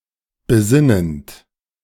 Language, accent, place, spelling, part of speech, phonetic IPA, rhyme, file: German, Germany, Berlin, besinnend, verb, [bəˈzɪnənt], -ɪnənt, De-besinnend.ogg
- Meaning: present participle of besinnen